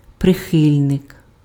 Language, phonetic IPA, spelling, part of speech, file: Ukrainian, [preˈxɪlʲnek], прихильник, noun, Uk-прихильник.ogg
- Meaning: supporter, adherent, advocate, proponent